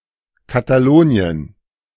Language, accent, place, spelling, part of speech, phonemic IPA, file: German, Germany, Berlin, Katalonien, proper noun, /ˌkataˈloːni̯ən/, De-Katalonien.ogg
- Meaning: 1. Catalonia (an autonomous community in northeast Spain) 2. Catalonia (a cultural area in northeast Spain, southern France and Andorra where Catalan is or historically was spoken)